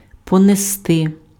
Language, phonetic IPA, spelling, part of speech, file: Ukrainian, [pɔneˈstɪ], понести, verb, Uk-понести.ogg
- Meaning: to carry (on foot)